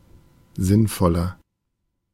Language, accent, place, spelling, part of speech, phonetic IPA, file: German, Germany, Berlin, sinnvoller, adjective, [ˈzɪnˌfɔlɐ], De-sinnvoller.ogg
- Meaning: 1. comparative degree of sinnvoll 2. inflection of sinnvoll: strong/mixed nominative masculine singular 3. inflection of sinnvoll: strong genitive/dative feminine singular